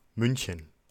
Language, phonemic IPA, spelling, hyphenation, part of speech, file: German, /ˈmʏnçən/, München, Mün‧chen, proper noun, De-München.ogg
- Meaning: Munich (the capital and largest city of Bavaria, Germany)